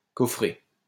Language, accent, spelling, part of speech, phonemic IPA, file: French, France, coffrer, verb, /kɔ.fʁe/, LL-Q150 (fra)-coffrer.wav
- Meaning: 1. to lock up; to put away or inside 2. to make formwork